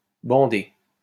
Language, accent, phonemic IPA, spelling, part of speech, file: French, France, /bɑ̃.de/, bandé, adjective / verb, LL-Q150 (fra)-bandé.wav
- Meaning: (adjective) bendy; made up of diagonal stripes; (verb) past participle of bander